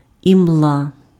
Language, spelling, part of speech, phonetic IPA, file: Ukrainian, імла, noun, [imˈɫa], Uk-імла.ogg
- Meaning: mist, haze